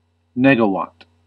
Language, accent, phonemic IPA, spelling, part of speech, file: English, US, /ˈnɛɡ.ə.wɑt/, negawatt, noun, En-us-negawatt.ogg
- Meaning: A unit of saved energy